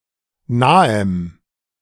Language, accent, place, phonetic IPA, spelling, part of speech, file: German, Germany, Berlin, [ˈnaːəm], nahem, adjective, De-nahem.ogg
- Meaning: strong dative masculine/neuter singular of nah